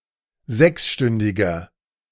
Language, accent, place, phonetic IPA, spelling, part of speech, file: German, Germany, Berlin, [ˈzɛksˌʃtʏndɪɡɐ], sechsstündiger, adjective, De-sechsstündiger.ogg
- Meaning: inflection of sechsstündig: 1. strong/mixed nominative masculine singular 2. strong genitive/dative feminine singular 3. strong genitive plural